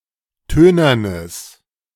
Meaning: strong/mixed nominative/accusative neuter singular of tönern
- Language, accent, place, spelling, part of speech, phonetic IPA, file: German, Germany, Berlin, tönernes, adjective, [ˈtøːnɐnəs], De-tönernes.ogg